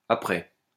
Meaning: 1. priming 2. primer
- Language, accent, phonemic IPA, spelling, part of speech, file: French, France, /a.pʁɛ/, apprêt, noun, LL-Q150 (fra)-apprêt.wav